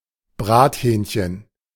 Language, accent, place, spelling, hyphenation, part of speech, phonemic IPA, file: German, Germany, Berlin, Brathähnchen, Brat‧hähn‧chen, noun, /ˈbʁaːtˌhɛːnçən/, De-Brathähnchen.ogg
- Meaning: roast chicken